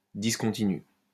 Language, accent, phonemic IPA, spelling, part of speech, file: French, France, /dis.kɔ̃.ti.ny/, discontinu, adjective, LL-Q150 (fra)-discontinu.wav
- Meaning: discontinuous, intermittent